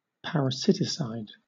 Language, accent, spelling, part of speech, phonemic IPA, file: English, Southern England, parasiticide, noun, /ˌpæɹəˈsɪtɪsaɪd/, LL-Q1860 (eng)-parasiticide.wav
- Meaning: Any substance used to kill parasites